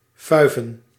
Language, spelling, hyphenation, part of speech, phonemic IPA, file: Dutch, fuiven, fui‧ven, verb / noun, /ˈfœy̯.və(n)/, Nl-fuiven.ogg
- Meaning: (verb) to party; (noun) plural of fuif